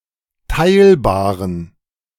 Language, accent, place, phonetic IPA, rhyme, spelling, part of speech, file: German, Germany, Berlin, [ˈtaɪ̯lbaːʁən], -aɪ̯lbaːʁən, teilbaren, adjective, De-teilbaren.ogg
- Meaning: inflection of teilbar: 1. strong genitive masculine/neuter singular 2. weak/mixed genitive/dative all-gender singular 3. strong/weak/mixed accusative masculine singular 4. strong dative plural